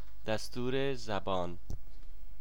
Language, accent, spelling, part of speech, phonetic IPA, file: Persian, Iran, دستور زبان, noun, [d̪æs.t̪ʰúː.ɹe zæ.bɒ́ːn], Fa-دستور زبان.ogg
- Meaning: grammar